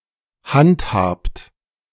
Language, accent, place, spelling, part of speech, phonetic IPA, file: German, Germany, Berlin, handhabt, verb, [ˈhantˌhaːpt], De-handhabt.ogg
- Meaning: inflection of handhaben: 1. second-person plural present 2. third-person singular present 3. plural imperative